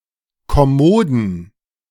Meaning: plural of Kommode
- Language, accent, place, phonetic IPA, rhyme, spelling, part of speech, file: German, Germany, Berlin, [kɔˈmoːdn̩], -oːdn̩, Kommoden, noun, De-Kommoden.ogg